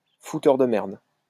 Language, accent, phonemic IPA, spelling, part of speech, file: French, France, /fu.tœʁ də mɛʁd/, fouteur de merde, noun, LL-Q150 (fra)-fouteur de merde.wav
- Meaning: shit-stirrer, troublemaker